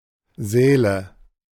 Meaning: nominative/accusative/genitive plural of Saal
- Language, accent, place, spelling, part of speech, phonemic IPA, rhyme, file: German, Germany, Berlin, Säle, noun, /ˈzɛːlə/, -ɛːlə, De-Säle.ogg